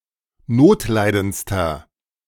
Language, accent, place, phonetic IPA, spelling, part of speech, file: German, Germany, Berlin, [ˈnoːtˌlaɪ̯dənt͡stɐ], notleidendster, adjective, De-notleidendster.ogg
- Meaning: inflection of notleidend: 1. strong/mixed nominative masculine singular superlative degree 2. strong genitive/dative feminine singular superlative degree 3. strong genitive plural superlative degree